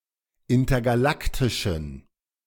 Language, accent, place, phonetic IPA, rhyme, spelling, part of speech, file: German, Germany, Berlin, [ˌɪntɐɡaˈlaktɪʃn̩], -aktɪʃn̩, intergalaktischen, adjective, De-intergalaktischen.ogg
- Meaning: inflection of intergalaktisch: 1. strong genitive masculine/neuter singular 2. weak/mixed genitive/dative all-gender singular 3. strong/weak/mixed accusative masculine singular 4. strong dative plural